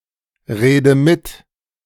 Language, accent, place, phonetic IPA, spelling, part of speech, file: German, Germany, Berlin, [ˌʁeːdə ˈmɪt], rede mit, verb, De-rede mit.ogg
- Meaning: inflection of mitreden: 1. first-person singular present 2. first/third-person singular subjunctive I 3. singular imperative